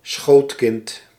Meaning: 1. a small child, easy to take on an adult's lap 2. a child which enjoys sitting on the lap 3. a coddled, pampered child
- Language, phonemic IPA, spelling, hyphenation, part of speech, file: Dutch, /ˈsxoːt.kɪnt/, schootkind, schoot‧kind, noun, Nl-schootkind.ogg